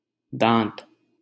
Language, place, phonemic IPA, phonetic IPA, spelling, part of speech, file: Hindi, Delhi, /d̪ɑ̃ːt̪/, [d̪ä̃ːt̪], दाँत, noun, LL-Q1568 (hin)-दाँत.wav
- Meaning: 1. tooth 2. tusk